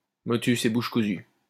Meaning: 1. mum's the word 2. one's lips are sealed
- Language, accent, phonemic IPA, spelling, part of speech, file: French, France, /mɔ.tys e buʃ ku.zy/, motus et bouche cousue, interjection, LL-Q150 (fra)-motus et bouche cousue.wav